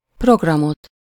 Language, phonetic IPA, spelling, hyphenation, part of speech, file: Hungarian, [ˈproɡrɒmot], programot, prog‧ra‧mot, noun, Hu-programot.ogg
- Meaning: accusative singular of program